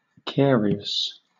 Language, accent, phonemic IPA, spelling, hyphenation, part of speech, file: English, Southern England, /ˈkɛəɹi.əs/, carious, ca‧ri‧ous, adjective, LL-Q1860 (eng)-carious.wav
- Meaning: Having caries (bone or tooth decay); decayed, rotten